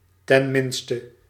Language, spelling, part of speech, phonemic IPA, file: Dutch, tenminste, adverb, /tɛnˈmɪnstə/, Nl-tenminste.ogg
- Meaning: at least